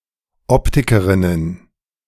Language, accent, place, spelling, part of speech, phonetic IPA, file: German, Germany, Berlin, Optikerinnen, noun, [ˈɔptɪkəʁɪnən], De-Optikerinnen.ogg
- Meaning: plural of Optikerin